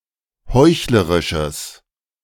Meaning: strong/mixed nominative/accusative neuter singular of heuchlerisch
- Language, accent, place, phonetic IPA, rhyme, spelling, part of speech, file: German, Germany, Berlin, [ˈhɔɪ̯çləʁɪʃəs], -ɔɪ̯çləʁɪʃəs, heuchlerisches, adjective, De-heuchlerisches.ogg